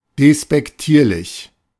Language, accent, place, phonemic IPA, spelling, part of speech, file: German, Germany, Berlin, /despɛkˈtiːɐ̯lɪç/, despektierlich, adjective, De-despektierlich.ogg
- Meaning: disrespectful